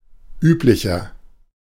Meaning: 1. comparative degree of üblich 2. inflection of üblich: strong/mixed nominative masculine singular 3. inflection of üblich: strong genitive/dative feminine singular
- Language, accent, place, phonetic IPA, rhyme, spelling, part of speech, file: German, Germany, Berlin, [ˈyːplɪçɐ], -yːplɪçɐ, üblicher, adjective, De-üblicher.ogg